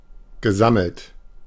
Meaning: past participle of sammeln
- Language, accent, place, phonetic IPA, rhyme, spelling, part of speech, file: German, Germany, Berlin, [ɡəˈzaml̩t], -aml̩t, gesammelt, verb, De-gesammelt.ogg